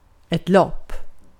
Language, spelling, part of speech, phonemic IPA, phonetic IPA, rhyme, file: Swedish, lopp, noun / verb, /lɔpː/, [lɔpː], -ɔpː, Sv-lopp.ogg
- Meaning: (noun) 1. a race (running competition or (in an extended sense) other speed competition, like in English) 2. a run (act or instance of running)